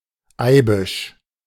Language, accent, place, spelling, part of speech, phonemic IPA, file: German, Germany, Berlin, Eibisch, noun, /ˈaɪ̯bɪʃ/, De-Eibisch.ogg
- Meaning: 1. a plant of the genus Althaea 2. a plant of the genus Althaea: marshmallow (Althaea officinalis) 3. a plant of the genus Hibiscus 4. a plant of the genus Abelmoschus